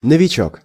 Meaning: 1. beginner, novice, newbie, neophyte 2. novichok (nerve agent)
- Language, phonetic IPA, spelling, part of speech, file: Russian, [nəvʲɪˈt͡ɕɵk], новичок, noun, Ru-новичок.ogg